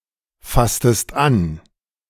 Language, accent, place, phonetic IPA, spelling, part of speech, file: German, Germany, Berlin, [ˌfastəst ˈan], fasstest an, verb, De-fasstest an.ogg
- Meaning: inflection of anfassen: 1. second-person singular preterite 2. second-person singular subjunctive II